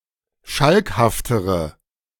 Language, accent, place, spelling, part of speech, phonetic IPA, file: German, Germany, Berlin, schalkhaftere, adjective, [ˈʃalkhaftəʁə], De-schalkhaftere.ogg
- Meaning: inflection of schalkhaft: 1. strong/mixed nominative/accusative feminine singular comparative degree 2. strong nominative/accusative plural comparative degree